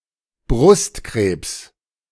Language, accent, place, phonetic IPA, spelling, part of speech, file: German, Germany, Berlin, [ˈbʁʊstˌkʁeːps], Brustkrebs, noun, De-Brustkrebs.ogg
- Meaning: breast cancer